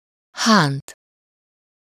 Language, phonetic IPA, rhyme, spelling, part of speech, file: Hungarian, [ˈhaːnt], -aːnt, hánt, verb, Hu-hánt.ogg
- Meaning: to strip, peel (bark)